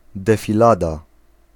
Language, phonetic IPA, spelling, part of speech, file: Polish, [ˌdɛfʲiˈlada], defilada, noun, Pl-defilada.ogg